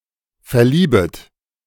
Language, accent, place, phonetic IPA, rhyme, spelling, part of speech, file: German, Germany, Berlin, [fɛɐ̯ˈliːbət], -iːbət, verliebet, verb, De-verliebet.ogg
- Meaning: second-person plural subjunctive I of verlieben